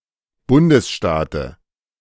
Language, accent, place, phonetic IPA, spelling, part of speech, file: German, Germany, Berlin, [ˈbʊndəsˌʃtaːtə], Bundesstaate, noun, De-Bundesstaate.ogg
- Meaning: dative singular of Bundesstaat